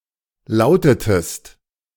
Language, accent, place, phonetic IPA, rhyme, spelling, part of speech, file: German, Germany, Berlin, [ˈlaʊ̯tətəst], -aʊ̯tətəst, lautetest, verb, De-lautetest.ogg
- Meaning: inflection of lauten: 1. second-person singular preterite 2. second-person singular subjunctive II